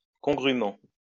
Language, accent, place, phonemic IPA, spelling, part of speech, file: French, France, Lyon, /kɔ̃.ɡʁy.mɑ̃/, congrûment, adverb, LL-Q150 (fra)-congrûment.wav
- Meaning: congruently